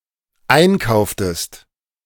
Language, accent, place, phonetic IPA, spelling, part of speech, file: German, Germany, Berlin, [ˈaɪ̯nˌkaʊ̯ftəst], einkauftest, verb, De-einkauftest.ogg
- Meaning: inflection of einkaufen: 1. second-person singular dependent preterite 2. second-person singular dependent subjunctive II